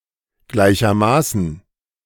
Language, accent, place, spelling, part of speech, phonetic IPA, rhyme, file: German, Germany, Berlin, gleichermaßen, adverb, [ˈɡlaɪ̯çɐˈmaːsn̩], -aːsn̩, De-gleichermaßen.ogg
- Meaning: equally